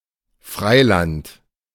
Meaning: 1. free land, a component of Freiwirtchaft, an economic system proposed by the German-Argentine economist Silvio Gesell (1862–1930) in his book, The Natural Economic Order 2. open ground
- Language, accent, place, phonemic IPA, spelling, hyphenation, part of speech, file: German, Germany, Berlin, /ˈfʁaɪ̯ˌlant/, Freiland, Frei‧land, noun, De-Freiland.ogg